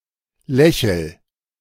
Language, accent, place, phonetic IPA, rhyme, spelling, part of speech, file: German, Germany, Berlin, [ˈlɛçl̩], -ɛçl̩, lächel, verb, De-lächel.ogg
- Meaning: inflection of lächeln: 1. first-person singular present 2. singular imperative